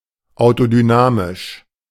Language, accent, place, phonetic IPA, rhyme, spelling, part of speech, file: German, Germany, Berlin, [aʊ̯todyˈnaːmɪʃ], -aːmɪʃ, autodynamisch, adjective, De-autodynamisch.ogg
- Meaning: autodynamic